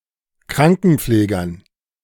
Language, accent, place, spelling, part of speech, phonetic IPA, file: German, Germany, Berlin, Krankenpflegern, noun, [ˈkʁaŋkn̩ˌp͡fleːɡɐn], De-Krankenpflegern.ogg
- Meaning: dative plural of Krankenpfleger